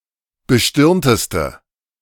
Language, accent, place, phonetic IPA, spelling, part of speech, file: German, Germany, Berlin, [bəˈʃtɪʁntəstə], bestirnteste, adjective, De-bestirnteste.ogg
- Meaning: inflection of bestirnt: 1. strong/mixed nominative/accusative feminine singular superlative degree 2. strong nominative/accusative plural superlative degree